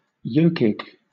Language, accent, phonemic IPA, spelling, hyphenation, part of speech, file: English, Southern England, /ˈjəʊkiːɡ/, yokeag, yo‧keag, noun, LL-Q1860 (eng)-yokeag.wav
- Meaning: Synonym of nocake